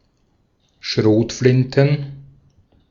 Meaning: plural of Schrotflinte
- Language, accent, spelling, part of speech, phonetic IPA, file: German, Austria, Schrotflinten, noun, [ˈʃʁoːtˌflɪntn̩], De-at-Schrotflinten.ogg